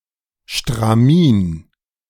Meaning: aida cloth, meshed cotton or linen fabric used for cross stitch embroidery or carpet weaving
- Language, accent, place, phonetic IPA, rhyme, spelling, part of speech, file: German, Germany, Berlin, [ʃtʁaˈmiːn], -iːn, Stramin, noun, De-Stramin.ogg